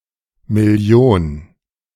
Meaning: million (10⁶)
- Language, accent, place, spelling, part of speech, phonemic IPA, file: German, Germany, Berlin, Million, noun, /mɪˈli̯oːn/, De-Million2.ogg